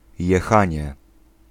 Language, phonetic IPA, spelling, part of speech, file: Polish, [jɛˈxãɲɛ], jechanie, noun, Pl-jechanie.ogg